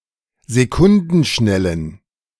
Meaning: inflection of sekundenschnell: 1. strong genitive masculine/neuter singular 2. weak/mixed genitive/dative all-gender singular 3. strong/weak/mixed accusative masculine singular 4. strong dative plural
- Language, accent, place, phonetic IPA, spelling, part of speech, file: German, Germany, Berlin, [zeˈkʊndn̩ˌʃnɛlən], sekundenschnellen, adjective, De-sekundenschnellen.ogg